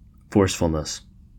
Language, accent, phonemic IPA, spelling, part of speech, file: English, US, /ˈfɔː(ɹ)sfəlnəs/, forcefulness, noun, En-us-forcefulness.ogg
- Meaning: The characteristic or quality of being forceful